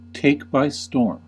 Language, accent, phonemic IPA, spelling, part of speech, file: English, US, /ˌteɪk baɪ ˈstɔːɹm/, take by storm, verb, En-us-take by storm.ogg
- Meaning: 1. To capture by means of a sudden, overwhelming attack 2. To seize, overpower, or captivate in a sudden and forceful manner 3. To rapidly gain great popularity in (a place)